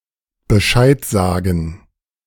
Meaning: to let (someone) know
- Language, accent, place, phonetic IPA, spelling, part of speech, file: German, Germany, Berlin, [bəˈʃaɪ̯t ˌzaːɡn̩], Bescheid sagen, verb, De-Bescheid sagen.ogg